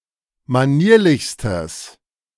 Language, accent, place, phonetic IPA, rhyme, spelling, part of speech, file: German, Germany, Berlin, [maˈniːɐ̯lɪçstəs], -iːɐ̯lɪçstəs, manierlichstes, adjective, De-manierlichstes.ogg
- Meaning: strong/mixed nominative/accusative neuter singular superlative degree of manierlich